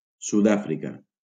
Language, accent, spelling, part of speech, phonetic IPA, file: Catalan, Valencia, Sud-àfrica, proper noun, [ˌsutˈa.fɾi.ka], LL-Q7026 (cat)-Sud-àfrica.wav
- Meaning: South Africa (a country in Southern Africa)